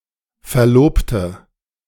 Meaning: 1. female equivalent of Verlobter: fiancée 2. inflection of Verlobter: strong nominative/accusative plural 3. inflection of Verlobter: weak nominative singular
- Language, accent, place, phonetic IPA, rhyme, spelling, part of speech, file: German, Germany, Berlin, [fɛɐ̯ˈloːptə], -oːptə, Verlobte, noun, De-Verlobte.ogg